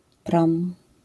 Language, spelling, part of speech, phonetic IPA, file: Polish, prom, noun, [prɔ̃m], LL-Q809 (pol)-prom.wav